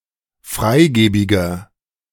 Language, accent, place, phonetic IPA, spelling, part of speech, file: German, Germany, Berlin, [ˈfʁaɪ̯ˌɡeːbɪɡɐ], freigebiger, adjective, De-freigebiger.ogg
- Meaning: 1. comparative degree of freigebig 2. inflection of freigebig: strong/mixed nominative masculine singular 3. inflection of freigebig: strong genitive/dative feminine singular